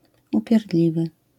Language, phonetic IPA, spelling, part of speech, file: Polish, [ˌupʲjɛrˈdlʲivɨ], upierdliwy, adjective, LL-Q809 (pol)-upierdliwy.wav